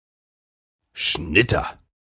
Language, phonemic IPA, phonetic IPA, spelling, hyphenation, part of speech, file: German, /ˈʃnɪtər/, [ˈʃnɪ.tɐ], Schnitter, Schnit‧ter, noun, De-Schnitter.ogg
- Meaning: 1. reaper (one who harvests with a scythe or sickle) 2. Grim Reaper